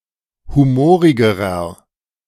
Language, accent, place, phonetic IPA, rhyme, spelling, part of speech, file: German, Germany, Berlin, [ˌhuˈmoːʁɪɡəʁɐ], -oːʁɪɡəʁɐ, humorigerer, adjective, De-humorigerer.ogg
- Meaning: inflection of humorig: 1. strong/mixed nominative masculine singular comparative degree 2. strong genitive/dative feminine singular comparative degree 3. strong genitive plural comparative degree